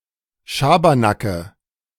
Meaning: nominative/accusative/genitive plural of Schabernack
- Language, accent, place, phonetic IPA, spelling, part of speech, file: German, Germany, Berlin, [ˈʃaːbɐnakə], Schabernacke, noun, De-Schabernacke.ogg